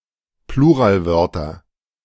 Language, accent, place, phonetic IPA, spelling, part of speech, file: German, Germany, Berlin, [ˈpluːʁaːlˌvœʁtɐ], Pluralwörter, noun, De-Pluralwörter.ogg
- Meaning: nominative/accusative/genitive plural of Pluralwort